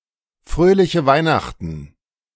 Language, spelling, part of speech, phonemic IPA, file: German, fröhliche Weihnachten, phrase, /ˈfʁøːlɪçə ˈvaɪ̯naxtn̩/, De-Fröhliche Weihnachten!.ogg
- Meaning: merry Christmas